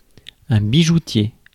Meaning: jeweller
- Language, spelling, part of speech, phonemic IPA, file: French, bijoutier, noun, /bi.ʒu.tje/, Fr-bijoutier.ogg